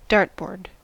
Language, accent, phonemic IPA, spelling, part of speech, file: English, US, /ˈdɑɹtbɔːɹd/, dartboard, noun, En-us-dartboard.ogg
- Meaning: A board used as a target for throwing darts